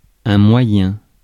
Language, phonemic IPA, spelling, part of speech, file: French, /mwa.jɛ̃/, moyen, noun / adjective, Fr-moyen.ogg
- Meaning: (noun) means: 1. method, way of doing 2. tool, device 3. resource, fund; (adjective) 1. middle 2. average 3. big; impressive; serious